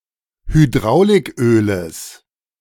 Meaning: genitive of Hydrauliköl
- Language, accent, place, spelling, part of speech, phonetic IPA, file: German, Germany, Berlin, Hydrauliköles, noun, [hyˈdʁaʊ̯lɪkˌʔøːləs], De-Hydrauliköles.ogg